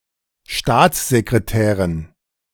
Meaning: dative plural of Staatssekretär
- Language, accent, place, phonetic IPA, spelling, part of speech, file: German, Germany, Berlin, [ˈʃtaːt͡szekʁeˌtɛːʁən], Staatssekretären, noun, De-Staatssekretären.ogg